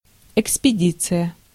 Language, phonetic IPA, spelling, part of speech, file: Russian, [ɪkspʲɪˈdʲit͡sɨjə], экспедиция, noun, Ru-экспедиция.ogg
- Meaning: dispatch, expedition